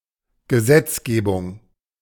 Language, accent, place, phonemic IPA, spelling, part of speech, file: German, Germany, Berlin, /ɡəˈzɛtsˌɡeːbʊŋ/, Gesetzgebung, noun, De-Gesetzgebung.ogg
- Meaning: legislation (act of legislating)